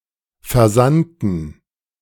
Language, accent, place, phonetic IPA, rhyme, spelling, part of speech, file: German, Germany, Berlin, [fɛɐ̯ˈzantn̩], -antn̩, versandten, adjective / verb, De-versandten.ogg
- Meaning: inflection of versenden: 1. first/third-person plural preterite 2. first/third-person plural subjunctive II